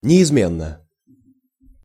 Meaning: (adverb) invariably; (adjective) short neuter singular of неизме́нный (neizménnyj)
- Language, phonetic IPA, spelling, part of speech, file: Russian, [nʲɪɪzˈmʲenːə], неизменно, adverb / adjective, Ru-неизменно.ogg